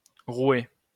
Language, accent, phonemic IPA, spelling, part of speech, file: French, France, /ʁwɛ/, rouet, noun, LL-Q150 (fra)-rouet.wav
- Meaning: spinning wheel